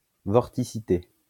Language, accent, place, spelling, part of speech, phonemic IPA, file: French, France, Lyon, vorticité, noun, /vɔʁ.ti.si.te/, LL-Q150 (fra)-vorticité.wav
- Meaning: vorticity